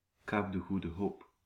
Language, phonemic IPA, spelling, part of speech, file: Dutch, /ˈkaːp də ˌɣu.də ˈɦoːp/, Kaap de Goede Hoop, proper noun, Nl-Kaap de Goede Hoop.ogg
- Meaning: Cape of Good Hope (a headland in southwestern South Africa, near Cape Town)